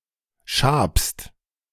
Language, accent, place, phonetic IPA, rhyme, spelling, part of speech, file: German, Germany, Berlin, [ʃaːpst], -aːpst, schabst, verb, De-schabst.ogg
- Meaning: second-person singular present of schaben